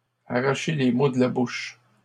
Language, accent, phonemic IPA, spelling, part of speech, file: French, Canada, /a.ʁa.ʃe le mo d(ə) la buʃ/, arracher les mots de la bouche, verb, LL-Q150 (fra)-arracher les mots de la bouche.wav
- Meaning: 1. to take the words out of someone's mouth (to say what someone was about to say themselves) 2. to worm something out of, to drag something out of